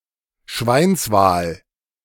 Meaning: porpoise
- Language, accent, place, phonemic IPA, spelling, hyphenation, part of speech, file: German, Germany, Berlin, /ˈʃvaɪ̯nsˌvaːl/, Schweinswal, Schweins‧wal, noun, De-Schweinswal.ogg